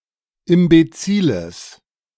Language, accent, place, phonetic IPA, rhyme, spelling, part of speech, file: German, Germany, Berlin, [ɪmbeˈt͡siːləs], -iːləs, imbeziles, adjective, De-imbeziles.ogg
- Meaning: strong/mixed nominative/accusative neuter singular of imbezil